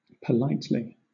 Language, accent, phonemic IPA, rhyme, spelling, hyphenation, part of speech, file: English, Southern England, /pəˈlaɪtli/, -aɪtli, politely, po‧lite‧ly, adverb, LL-Q1860 (eng)-politely.wav
- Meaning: in a polite manner